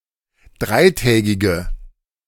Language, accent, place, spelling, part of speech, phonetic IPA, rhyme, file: German, Germany, Berlin, dreitägige, adjective, [ˈdʁaɪ̯ˌtɛːɡɪɡə], -aɪ̯tɛːɡɪɡə, De-dreitägige.ogg
- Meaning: inflection of dreitägig: 1. strong/mixed nominative/accusative feminine singular 2. strong nominative/accusative plural 3. weak nominative all-gender singular